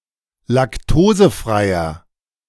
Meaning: inflection of laktosefrei: 1. strong/mixed nominative masculine singular 2. strong genitive/dative feminine singular 3. strong genitive plural
- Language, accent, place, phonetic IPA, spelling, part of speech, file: German, Germany, Berlin, [lakˈtoːzəˌfʁaɪ̯ɐ], laktosefreier, adjective, De-laktosefreier.ogg